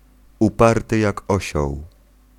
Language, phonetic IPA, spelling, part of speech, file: Polish, [uˈpartɨ ˈjak ˈɔɕɔw], uparty jak osioł, adjectival phrase, Pl-uparty jak osioł.ogg